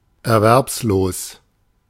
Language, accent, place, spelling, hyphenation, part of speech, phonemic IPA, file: German, Germany, Berlin, erwerbslos, er‧werbs‧los, adjective, /ɛɐ̯ˈvɛʁpsˌloːs/, De-erwerbslos.ogg
- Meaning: unemployed, jobless